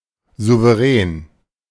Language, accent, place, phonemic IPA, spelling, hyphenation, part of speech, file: German, Germany, Berlin, /zuvəˈrɛːn/, Souverän, Sou‧ve‧rän, noun, De-Souverän.ogg
- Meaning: sovereign (holder of the most fundamental authority in a political system)